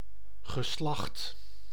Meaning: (noun) 1. sex 2. gender 3. grammatical gender 4. lineage 5. generation 6. genus; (verb) past participle of slachten
- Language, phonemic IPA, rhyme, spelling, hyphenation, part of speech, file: Dutch, /ɣəˈslɑxt/, -ɑxt, geslacht, ge‧slacht, noun / verb, Nl-geslacht.ogg